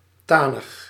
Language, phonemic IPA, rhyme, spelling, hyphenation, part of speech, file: Dutch, /ˈtaː.nəx/, -aːnəx, tanig, ta‧nig, adjective, Nl-tanig.ogg
- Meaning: 1. tawny, brownish, orange brown 2. colourless 3. thin, lean, scrawny